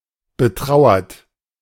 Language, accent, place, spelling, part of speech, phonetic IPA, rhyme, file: German, Germany, Berlin, betrauert, verb, [bəˈtʁaʊ̯ɐt], -aʊ̯ɐt, De-betrauert.ogg
- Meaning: past participle of betrauern